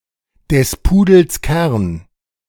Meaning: the crux of the matter, the gist of the matter, the heart of the matter
- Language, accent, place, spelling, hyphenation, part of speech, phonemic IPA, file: German, Germany, Berlin, des Pudels Kern, des Pu‧dels Kern, noun, /dɛs ˈpuːdl̩s ˈkɛrn/, De-des Pudels Kern.ogg